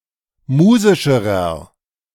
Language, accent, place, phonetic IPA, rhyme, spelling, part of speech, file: German, Germany, Berlin, [ˈmuːzɪʃəʁɐ], -uːzɪʃəʁɐ, musischerer, adjective, De-musischerer.ogg
- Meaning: inflection of musisch: 1. strong/mixed nominative masculine singular comparative degree 2. strong genitive/dative feminine singular comparative degree 3. strong genitive plural comparative degree